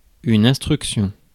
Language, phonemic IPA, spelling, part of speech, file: French, /ɛ̃s.tʁyk.sjɔ̃/, instruction, noun, Fr-instruction.ogg
- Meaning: 1. instruction, direction 2. order 3. training, teaching 4. investigation, enquiry